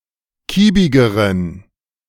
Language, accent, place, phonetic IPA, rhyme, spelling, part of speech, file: German, Germany, Berlin, [ˈkiːbɪɡəʁən], -iːbɪɡəʁən, kiebigeren, adjective, De-kiebigeren.ogg
- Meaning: inflection of kiebig: 1. strong genitive masculine/neuter singular comparative degree 2. weak/mixed genitive/dative all-gender singular comparative degree